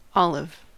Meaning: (noun) A tree of species Olea europaea cultivated since ancient times in the Mediterranean for its fruit and the oil obtained from it
- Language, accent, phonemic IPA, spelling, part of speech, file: English, US, /ˈɑ.lɪv/, olive, noun / adjective, En-us-olive.ogg